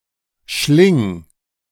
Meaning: singular imperative of schlingen
- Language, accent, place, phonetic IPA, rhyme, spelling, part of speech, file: German, Germany, Berlin, [ʃlɪŋ], -ɪŋ, schling, verb, De-schling.ogg